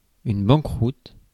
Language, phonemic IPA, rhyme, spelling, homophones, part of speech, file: French, /bɑ̃.kʁut/, -ut, banqueroute, banqueroutes, noun, Fr-banqueroute.ogg
- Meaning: 1. bankruptcy 2. total failure